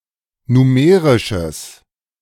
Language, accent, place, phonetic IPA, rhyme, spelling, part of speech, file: German, Germany, Berlin, [nuˈmeːʁɪʃəs], -eːʁɪʃəs, numerisches, adjective, De-numerisches.ogg
- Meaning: strong/mixed nominative/accusative neuter singular of numerisch